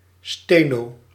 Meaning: shorthand
- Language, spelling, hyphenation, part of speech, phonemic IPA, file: Dutch, steno, ste‧no, noun, /ˈsteː.noː/, Nl-steno.ogg